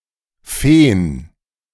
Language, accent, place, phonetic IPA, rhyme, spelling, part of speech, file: German, Germany, Berlin, [ˈfeːən], -eːən, Feen, noun, De-Feen.ogg
- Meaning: plural of Fee